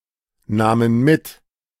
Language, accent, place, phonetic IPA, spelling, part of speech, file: German, Germany, Berlin, [ˌnaːmən ˈmɪt], nahmen mit, verb, De-nahmen mit.ogg
- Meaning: first/third-person plural preterite of mitnehmen